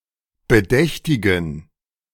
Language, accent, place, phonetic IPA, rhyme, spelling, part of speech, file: German, Germany, Berlin, [bəˈdɛçtɪɡn̩], -ɛçtɪɡn̩, bedächtigen, adjective, De-bedächtigen.ogg
- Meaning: inflection of bedächtig: 1. strong genitive masculine/neuter singular 2. weak/mixed genitive/dative all-gender singular 3. strong/weak/mixed accusative masculine singular 4. strong dative plural